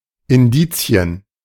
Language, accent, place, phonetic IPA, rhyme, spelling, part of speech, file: German, Germany, Berlin, [ɪnˈdiːt͡si̯ən], -iːt͡si̯ən, Indizien, noun, De-Indizien.ogg
- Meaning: plural of Indiz